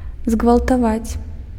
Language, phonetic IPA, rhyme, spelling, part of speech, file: Belarusian, [zɡvaɫtaˈvat͡sʲ], -at͡sʲ, згвалтаваць, verb, Be-згвалтаваць.ogg
- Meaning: 1. to rape; to corrupt 2. to force 3. to oppress 4. to rob